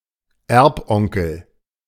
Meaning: rich uncle (an uncle from whom an inheritance is expected)
- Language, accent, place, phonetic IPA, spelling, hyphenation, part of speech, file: German, Germany, Berlin, [ˈɛʁpˌʔɔŋkl̩], Erbonkel, Erb‧on‧kel, noun, De-Erbonkel.ogg